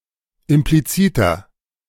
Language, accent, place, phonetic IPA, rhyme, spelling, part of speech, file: German, Germany, Berlin, [ɪmpliˈt͡siːtɐ], -iːtɐ, impliziter, adjective, De-impliziter.ogg
- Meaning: inflection of implizit: 1. strong/mixed nominative masculine singular 2. strong genitive/dative feminine singular 3. strong genitive plural